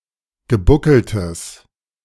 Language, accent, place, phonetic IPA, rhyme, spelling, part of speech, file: German, Germany, Berlin, [ɡəˈbʊkl̩təs], -ʊkl̩təs, gebuckeltes, adjective, De-gebuckeltes.ogg
- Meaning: strong/mixed nominative/accusative neuter singular of gebuckelt